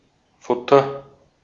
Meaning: 1. fodder, food (for animals) 2. lining
- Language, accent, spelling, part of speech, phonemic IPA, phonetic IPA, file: German, Austria, Futter, noun, /ˈfʊtər/, [ˈfʊ.tʰɐ], De-at-Futter.ogg